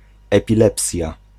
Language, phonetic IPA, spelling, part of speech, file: Polish, [ˌɛpʲiˈlɛpsʲja], epilepsja, noun, Pl-epilepsja.ogg